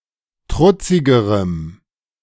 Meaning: strong dative masculine/neuter singular comparative degree of trutzig
- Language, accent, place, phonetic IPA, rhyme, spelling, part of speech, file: German, Germany, Berlin, [ˈtʁʊt͡sɪɡəʁəm], -ʊt͡sɪɡəʁəm, trutzigerem, adjective, De-trutzigerem.ogg